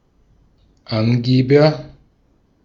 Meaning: agent noun of angeben: 1. informer, squealer 2. bragger, braggart, boaster, swaggerer, showoff
- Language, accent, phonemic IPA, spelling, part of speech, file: German, Austria, /ˈʔanɡeːbɐ/, Angeber, noun, De-at-Angeber.ogg